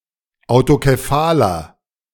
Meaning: inflection of autokephal: 1. strong/mixed nominative masculine singular 2. strong genitive/dative feminine singular 3. strong genitive plural
- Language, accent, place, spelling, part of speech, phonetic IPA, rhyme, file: German, Germany, Berlin, autokephaler, adjective, [aʊ̯tokeˈfaːlɐ], -aːlɐ, De-autokephaler.ogg